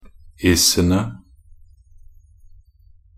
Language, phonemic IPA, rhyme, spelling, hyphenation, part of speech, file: Norwegian Bokmål, /ˈɪsənə/, -ənə, -isene, -is‧en‧e, suffix, Nb--isene.ogg
- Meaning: plural definite form of -is